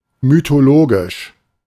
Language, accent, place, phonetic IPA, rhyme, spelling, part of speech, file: German, Germany, Berlin, [mytoˈloːɡɪʃ], -oːɡɪʃ, mythologisch, adjective, De-mythologisch.ogg
- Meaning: mythological